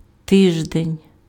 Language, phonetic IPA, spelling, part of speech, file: Ukrainian, [ˈtɪʒdenʲ], тиждень, noun, Uk-тиждень.ogg
- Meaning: week